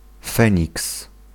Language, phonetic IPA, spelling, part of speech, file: Polish, [ˈfɛ̃ɲiks], feniks, noun, Pl-feniks.ogg